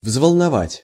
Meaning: 1. to agitate, to trouble, to disturb, to worry, to alarm, to upset 2. to ruffle, to stir
- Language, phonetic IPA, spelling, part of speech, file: Russian, [vzvəɫnɐˈvatʲ], взволновать, verb, Ru-взволновать.ogg